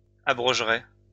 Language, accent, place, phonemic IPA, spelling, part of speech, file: French, France, Lyon, /a.bʁɔʒ.ʁɛ/, abrogerais, verb, LL-Q150 (fra)-abrogerais.wav
- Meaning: first/second-person singular conditional of abroger